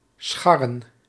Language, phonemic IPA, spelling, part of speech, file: Dutch, /ˈsxɑrə(n)/, scharren, verb, Nl-scharren.ogg
- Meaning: to scrape